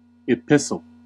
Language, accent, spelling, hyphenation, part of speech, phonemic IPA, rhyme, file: English, General American, epistle, epis‧tle, noun / verb, /ɪˈpɪs.əl/, -ɪsəl, En-us-epistle.ogg
- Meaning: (noun) 1. A literary composition in the form of a letter or series of letters, especially one in verse 2. A letter, especially one which is formal or issued publicly